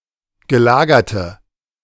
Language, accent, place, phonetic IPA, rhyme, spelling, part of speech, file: German, Germany, Berlin, [ɡəˈlaːɡɐtə], -aːɡɐtə, gelagerte, adjective, De-gelagerte.ogg
- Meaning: inflection of gelagert: 1. strong/mixed nominative/accusative feminine singular 2. strong nominative/accusative plural 3. weak nominative all-gender singular